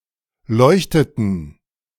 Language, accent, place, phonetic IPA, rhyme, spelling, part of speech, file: German, Germany, Berlin, [ˈlɔɪ̯çtətn̩], -ɔɪ̯çtətn̩, leuchteten, verb, De-leuchteten.ogg
- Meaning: inflection of leuchten: 1. first/third-person plural preterite 2. first/third-person plural subjunctive II